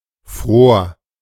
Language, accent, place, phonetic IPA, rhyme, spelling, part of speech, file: German, Germany, Berlin, [fʁoːɐ̯], -oːɐ̯, fror, verb, De-fror.ogg
- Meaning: first/third-person singular preterite of frieren